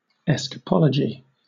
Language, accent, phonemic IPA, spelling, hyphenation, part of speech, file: English, Southern England, /ˈɛs.kəˌpɒl.ə.dʒiː/, escapology, es‧cap‧o‧lo‧gy, noun, LL-Q1860 (eng)-escapology.wav
- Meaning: 1. The study or art of escaping from a physical restraint, enclosure, or constriction, such as a rope, a sealed box, handcuffs, etc.; escape artistry 2. Escape from a difficult situation